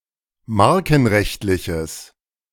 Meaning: strong/mixed nominative/accusative neuter singular of markenrechtlich
- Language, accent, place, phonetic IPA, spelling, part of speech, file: German, Germany, Berlin, [ˈmaʁkn̩ˌʁɛçtlɪçəs], markenrechtliches, adjective, De-markenrechtliches.ogg